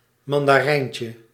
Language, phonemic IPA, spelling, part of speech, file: Dutch, /ˌmɑndaˈrɛiɲcə/, mandarijntje, noun, Nl-mandarijntje.ogg
- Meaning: diminutive of mandarijn